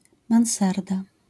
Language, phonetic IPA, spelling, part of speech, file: Polish, [mãw̃ˈsarda], mansarda, noun, LL-Q809 (pol)-mansarda.wav